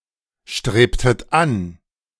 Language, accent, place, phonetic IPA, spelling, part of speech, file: German, Germany, Berlin, [ˌʃtʁeːptət ˈan], strebtet an, verb, De-strebtet an.ogg
- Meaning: inflection of anstreben: 1. second-person plural preterite 2. second-person plural subjunctive II